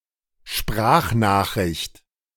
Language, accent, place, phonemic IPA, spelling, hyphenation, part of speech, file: German, Germany, Berlin, /ˈʃpʁaːxnaːxˌʁɪçt/, Sprachnachricht, Sprach‧nach‧richt, noun, De-Sprachnachricht.ogg
- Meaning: voice message